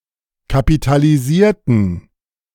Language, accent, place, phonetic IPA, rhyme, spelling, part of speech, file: German, Germany, Berlin, [kapitaliˈziːɐ̯tn̩], -iːɐ̯tn̩, kapitalisierten, adjective / verb, De-kapitalisierten.ogg
- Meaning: inflection of kapitalisieren: 1. first/third-person plural preterite 2. first/third-person plural subjunctive II